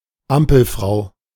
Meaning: female walking figure shown on pedestrian signals
- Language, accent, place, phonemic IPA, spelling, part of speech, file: German, Germany, Berlin, /ˈampl̩ˌfraʊ̯/, Ampelfrau, noun, De-Ampelfrau.ogg